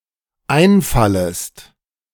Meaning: second-person singular dependent subjunctive I of einfallen
- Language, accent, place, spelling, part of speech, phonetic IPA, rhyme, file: German, Germany, Berlin, einfallest, verb, [ˈaɪ̯nˌfaləst], -aɪ̯nfaləst, De-einfallest.ogg